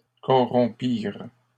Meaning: third-person plural past historic of corrompre
- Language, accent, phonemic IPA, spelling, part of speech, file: French, Canada, /kɔ.ʁɔ̃.piʁ/, corrompirent, verb, LL-Q150 (fra)-corrompirent.wav